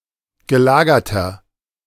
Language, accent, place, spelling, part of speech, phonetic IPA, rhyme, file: German, Germany, Berlin, gelagerter, adjective, [ɡəˈlaːɡɐtɐ], -aːɡɐtɐ, De-gelagerter.ogg
- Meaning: inflection of gelagert: 1. strong/mixed nominative masculine singular 2. strong genitive/dative feminine singular 3. strong genitive plural